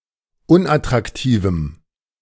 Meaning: strong dative masculine/neuter singular of unattraktiv
- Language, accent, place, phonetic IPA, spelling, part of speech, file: German, Germany, Berlin, [ˈʊnʔatʁakˌtiːvm̩], unattraktivem, adjective, De-unattraktivem.ogg